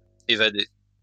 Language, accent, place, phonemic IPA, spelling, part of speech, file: French, France, Lyon, /e.va.de/, évader, verb, LL-Q150 (fra)-évader.wav
- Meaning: to escape (from a building, situation etc.)